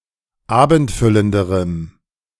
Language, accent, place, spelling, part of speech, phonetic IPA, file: German, Germany, Berlin, abendfüllenderem, adjective, [ˈaːbn̩tˌfʏləndəʁəm], De-abendfüllenderem.ogg
- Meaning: strong dative masculine/neuter singular comparative degree of abendfüllend